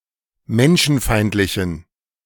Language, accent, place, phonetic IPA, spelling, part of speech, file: German, Germany, Berlin, [ˈmɛnʃn̩ˌfaɪ̯ntlɪçn̩], menschenfeindlichen, adjective, De-menschenfeindlichen.ogg
- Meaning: inflection of menschenfeindlich: 1. strong genitive masculine/neuter singular 2. weak/mixed genitive/dative all-gender singular 3. strong/weak/mixed accusative masculine singular